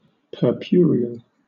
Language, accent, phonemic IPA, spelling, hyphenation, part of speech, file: English, Southern England, /pɜːˈpjʊə.ɹɪ.əl/, purpureal, pur‧pu‧re‧al, adjective, LL-Q1860 (eng)-purpureal.wav
- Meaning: Of a purple colour